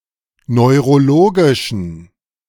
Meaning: inflection of neurologisch: 1. strong genitive masculine/neuter singular 2. weak/mixed genitive/dative all-gender singular 3. strong/weak/mixed accusative masculine singular 4. strong dative plural
- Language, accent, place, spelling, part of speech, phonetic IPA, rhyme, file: German, Germany, Berlin, neurologischen, adjective, [nɔɪ̯ʁoˈloːɡɪʃn̩], -oːɡɪʃn̩, De-neurologischen.ogg